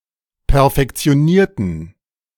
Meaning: inflection of perfektionieren: 1. first/third-person plural preterite 2. first/third-person plural subjunctive II
- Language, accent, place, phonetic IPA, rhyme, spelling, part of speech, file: German, Germany, Berlin, [pɛɐ̯fɛkt͡si̯oˈniːɐ̯tn̩], -iːɐ̯tn̩, perfektionierten, adjective / verb, De-perfektionierten.ogg